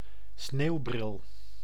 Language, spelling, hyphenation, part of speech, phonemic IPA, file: Dutch, sneeuwbril, sneeuw‧bril, noun, /ˈsneːu̯.brɪl/, Nl-sneeuwbril.ogg
- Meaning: a pair of snow goggles